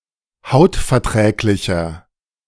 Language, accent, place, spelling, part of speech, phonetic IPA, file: German, Germany, Berlin, hautverträglicher, adjective, [ˈhaʊ̯tfɛɐ̯ˌtʁɛːklɪçɐ], De-hautverträglicher.ogg
- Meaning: 1. comparative degree of hautverträglich 2. inflection of hautverträglich: strong/mixed nominative masculine singular 3. inflection of hautverträglich: strong genitive/dative feminine singular